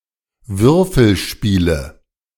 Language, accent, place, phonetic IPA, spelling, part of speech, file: German, Germany, Berlin, [ˈvʏʁfl̩ˌʃpiːlə], Würfelspiele, noun, De-Würfelspiele.ogg
- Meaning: nominative/accusative/genitive plural of Würfelspiel